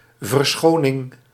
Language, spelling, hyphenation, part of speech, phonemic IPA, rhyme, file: Dutch, verschoning, ver‧scho‧ning, noun, /vərˈsxoː.nɪŋ/, -oːnɪŋ, Nl-verschoning.ogg
- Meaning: 1. pardon, forgiveness 2. pardon, excusement 3. cleaning (nowadays especially of the replacement of nappies/diapers)